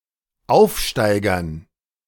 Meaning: dative plural of Aufsteiger
- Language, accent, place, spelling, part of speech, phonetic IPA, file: German, Germany, Berlin, Aufsteigern, noun, [ˈaʊ̯fˌʃtaɪ̯ɡɐn], De-Aufsteigern.ogg